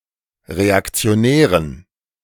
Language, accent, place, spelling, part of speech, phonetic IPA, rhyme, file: German, Germany, Berlin, Reaktionären, noun, [ʁeakt͡si̯oˈnɛːʁən], -ɛːʁən, De-Reaktionären.ogg
- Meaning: dative plural of Reaktionär